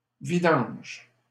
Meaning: 1. an act of emptying 2. oil change (the emptying and replacing of engine oil in a vehicle) 3. garbage, trash
- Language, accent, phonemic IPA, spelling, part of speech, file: French, Canada, /vi.dɑ̃ʒ/, vidange, noun, LL-Q150 (fra)-vidange.wav